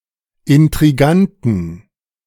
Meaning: inflection of intrigant: 1. strong genitive masculine/neuter singular 2. weak/mixed genitive/dative all-gender singular 3. strong/weak/mixed accusative masculine singular 4. strong dative plural
- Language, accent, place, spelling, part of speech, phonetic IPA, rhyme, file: German, Germany, Berlin, intriganten, adjective, [ɪntʁiˈɡantn̩], -antn̩, De-intriganten.ogg